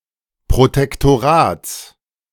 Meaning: genitive singular of Protektorat
- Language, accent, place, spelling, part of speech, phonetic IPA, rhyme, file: German, Germany, Berlin, Protektorats, noun, [pʁotɛktoˈʁaːt͡s], -aːt͡s, De-Protektorats.ogg